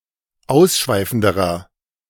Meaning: inflection of ausschweifend: 1. strong/mixed nominative masculine singular comparative degree 2. strong genitive/dative feminine singular comparative degree
- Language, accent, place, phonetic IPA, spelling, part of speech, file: German, Germany, Berlin, [ˈaʊ̯sˌʃvaɪ̯fn̩dəʁɐ], ausschweifenderer, adjective, De-ausschweifenderer.ogg